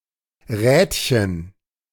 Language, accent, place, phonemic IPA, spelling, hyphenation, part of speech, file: German, Germany, Berlin, /ˈʁɛ(ː)tçən/, Rädchen, Räd‧chen, noun, De-Rädchen.ogg
- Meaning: diminutive of Rad